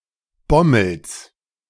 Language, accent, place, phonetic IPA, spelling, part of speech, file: German, Germany, Berlin, [ˈbɔml̩s], Bommels, noun, De-Bommels.ogg
- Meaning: genitive singular of Bommel